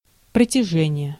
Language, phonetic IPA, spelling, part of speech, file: Russian, [prətʲɪˈʐɛnʲɪje], протяжение, noun, Ru-протяжение.ogg
- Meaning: extent, stretch, length